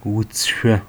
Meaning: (adjective) green; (noun) green color
- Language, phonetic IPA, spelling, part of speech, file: Adyghe, [wət͡səʂʷa], уцышъо, adjective / noun, Wət͡səʂʷa.ogg